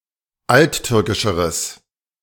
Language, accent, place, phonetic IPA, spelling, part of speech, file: German, Germany, Berlin, [ˈaltˌtʏʁkɪʃəʁəs], alttürkischeres, adjective, De-alttürkischeres.ogg
- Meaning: strong/mixed nominative/accusative neuter singular comparative degree of alttürkisch